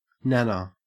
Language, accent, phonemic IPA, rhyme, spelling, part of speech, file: English, Australia, /ˈnænə/, -ænə, nana, noun, En-au-nana.ogg
- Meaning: 1. One's grandmother 2. A nanny